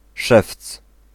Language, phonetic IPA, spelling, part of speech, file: Polish, [ʃɛft͡s], szewc, noun, Pl-szewc.ogg